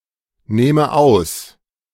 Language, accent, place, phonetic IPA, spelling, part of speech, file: German, Germany, Berlin, [ˌnɛːmə ˈaʊ̯s], nähme aus, verb, De-nähme aus.ogg
- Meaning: first/third-person singular subjunctive II of ausnehmen